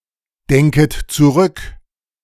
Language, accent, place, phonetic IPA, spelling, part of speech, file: German, Germany, Berlin, [ˌdɛŋkət t͡suˈʁʏk], denket zurück, verb, De-denket zurück.ogg
- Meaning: second-person plural subjunctive I of zurückdenken